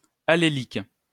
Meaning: allelic
- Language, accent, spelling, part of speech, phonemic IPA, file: French, France, allélique, adjective, /a.le.lik/, LL-Q150 (fra)-allélique.wav